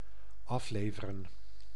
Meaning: to deliver, to drop off
- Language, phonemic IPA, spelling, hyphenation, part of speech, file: Dutch, /ˈɑfleːvərə(n)/, afleveren, af‧le‧ve‧ren, verb, Nl-afleveren.ogg